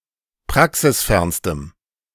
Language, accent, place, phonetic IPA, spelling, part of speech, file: German, Germany, Berlin, [ˈpʁaksɪsˌfɛʁnstəm], praxisfernstem, adjective, De-praxisfernstem.ogg
- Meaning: strong dative masculine/neuter singular superlative degree of praxisfern